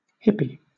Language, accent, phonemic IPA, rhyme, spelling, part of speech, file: English, Southern England, /ˈhɪpi/, -ɪpi, hippie, noun / adjective, LL-Q1860 (eng)-hippie.wav
- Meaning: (noun) A teenager who imitated the beatniks